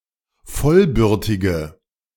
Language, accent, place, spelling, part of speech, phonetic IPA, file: German, Germany, Berlin, vollbürtige, adjective, [ˈfɔlˌbʏʁtɪɡə], De-vollbürtige.ogg
- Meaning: inflection of vollbürtig: 1. strong/mixed nominative/accusative feminine singular 2. strong nominative/accusative plural 3. weak nominative all-gender singular